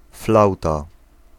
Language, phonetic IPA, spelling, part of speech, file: Polish, [ˈflawta], flauta, noun, Pl-flauta.ogg